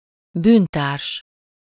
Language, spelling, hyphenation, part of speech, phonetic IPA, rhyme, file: Hungarian, bűntárs, bűn‧társ, noun, [ˈbyːntaːrʃ], -aːrʃ, Hu-bűntárs.ogg
- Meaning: accomplice (an associate in the commission of a crime)